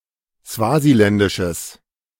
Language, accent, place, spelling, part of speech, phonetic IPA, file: German, Germany, Berlin, swasiländisches, adjective, [ˈsvaːziˌlɛndɪʃəs], De-swasiländisches.ogg
- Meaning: strong/mixed nominative/accusative neuter singular of swasiländisch